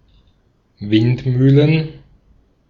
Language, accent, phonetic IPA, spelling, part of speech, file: German, Austria, [ˈvɪntˌmyːlən], Windmühlen, noun, De-at-Windmühlen.ogg
- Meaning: plural of Windmühle